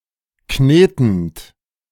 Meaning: present participle of kneten
- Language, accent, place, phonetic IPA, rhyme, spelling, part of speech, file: German, Germany, Berlin, [ˈkneːtn̩t], -eːtn̩t, knetend, verb, De-knetend.ogg